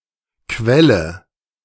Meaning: inflection of quellen: 1. first-person singular present 2. first/third-person singular subjunctive I
- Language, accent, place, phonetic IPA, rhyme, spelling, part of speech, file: German, Germany, Berlin, [ˈkvɛlə], -ɛlə, quelle, verb, De-quelle.ogg